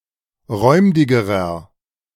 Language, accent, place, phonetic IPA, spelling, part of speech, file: German, Germany, Berlin, [ˈʁɔɪ̯mdɪɡəʁɐ], räumdigerer, adjective, De-räumdigerer.ogg
- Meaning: inflection of räumdig: 1. strong/mixed nominative masculine singular comparative degree 2. strong genitive/dative feminine singular comparative degree 3. strong genitive plural comparative degree